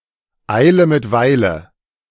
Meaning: haste makes waste
- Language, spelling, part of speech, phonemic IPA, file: German, Eile mit Weile, proverb, /ˈaɪ̯lə mɪt ˈvaɪ̯lə/, De-eile mit Weile.ogg